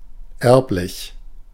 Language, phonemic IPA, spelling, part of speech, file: German, /ˈɛʁp.lɪç/, erblich, adjective, De-erblich.ogg
- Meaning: hereditary, heritable